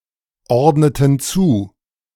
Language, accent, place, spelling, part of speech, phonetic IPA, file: German, Germany, Berlin, ordneten zu, verb, [ˌɔʁdnətn̩ ˈt͡suː], De-ordneten zu.ogg
- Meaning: inflection of zuordnen: 1. first/third-person plural preterite 2. first/third-person plural subjunctive II